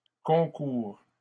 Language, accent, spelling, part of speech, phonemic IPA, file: French, Canada, concourt, verb, /kɔ̃.kuʁ/, LL-Q150 (fra)-concourt.wav
- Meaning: third-person singular present indicative of concourir